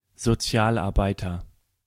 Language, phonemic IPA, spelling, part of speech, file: German, /zoˈtsjaːlaʁˌbaɪtɐ/, Sozialarbeiter, noun, De-Sozialarbeiter.ogg
- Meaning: social worker